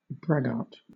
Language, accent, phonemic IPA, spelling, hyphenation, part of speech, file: English, Southern England, /ˈbɹæɡɑːt/, braggart, brag‧gart, noun / adjective, LL-Q1860 (eng)-braggart.wav
- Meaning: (noun) Someone who constantly brags or boasts; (adjective) Characterized by boasting; boastful